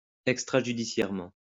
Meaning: extrajudicially
- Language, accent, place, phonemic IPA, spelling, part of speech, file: French, France, Lyon, /ɛk.stʁa.ʒy.di.sjɛʁ.mɑ̃/, extrajudiciairement, adverb, LL-Q150 (fra)-extrajudiciairement.wav